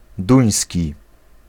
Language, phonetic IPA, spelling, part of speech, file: Polish, [ˈdũj̃sʲci], duński, adjective / noun, Pl-duński.ogg